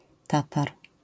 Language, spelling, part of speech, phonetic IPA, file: Polish, Tatar, noun, [ˈtatar], LL-Q809 (pol)-Tatar.wav